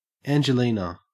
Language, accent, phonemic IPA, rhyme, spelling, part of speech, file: English, Australia, /ˌænd͡ʒəˈliːnə/, -iːnə, Angelina, proper noun / noun, En-au-Angelina.ogg
- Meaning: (proper noun) 1. A female given name from Ancient Greek, an Italian diminutive of Angela 2. Ellipsis of Angelina County 3. Ellipsis of Asteroid Angelina, 64 Angelina